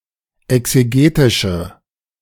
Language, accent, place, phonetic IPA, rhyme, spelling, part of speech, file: German, Germany, Berlin, [ɛkseˈɡeːtɪʃə], -eːtɪʃə, exegetische, adjective, De-exegetische.ogg
- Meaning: inflection of exegetisch: 1. strong/mixed nominative/accusative feminine singular 2. strong nominative/accusative plural 3. weak nominative all-gender singular